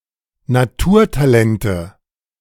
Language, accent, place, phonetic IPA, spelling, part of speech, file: German, Germany, Berlin, [naˈtuːɐ̯taˌlɛntə], Naturtalente, noun, De-Naturtalente.ogg
- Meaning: nominative/accusative/genitive plural of Naturtalent